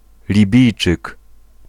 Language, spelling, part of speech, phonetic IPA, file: Polish, Libijczyk, noun, [lʲiˈbʲijt͡ʃɨk], Pl-Libijczyk.ogg